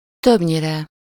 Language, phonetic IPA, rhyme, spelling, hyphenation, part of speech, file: Hungarian, [ˈtøbɲirɛ], -rɛ, többnyire, több‧nyi‧re, adverb, Hu-többnyire.ogg
- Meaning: mostly, usually, generally, mainly, for the most part